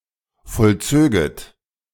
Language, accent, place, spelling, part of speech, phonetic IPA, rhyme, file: German, Germany, Berlin, vollzöget, verb, [fɔlˈt͡søːɡət], -øːɡət, De-vollzöget.ogg
- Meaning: second-person plural subjunctive II of vollziehen